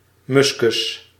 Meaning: musk
- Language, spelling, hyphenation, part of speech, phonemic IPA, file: Dutch, muskus, mus‧kus, noun, /ˈmʏs.kʏs/, Nl-muskus.ogg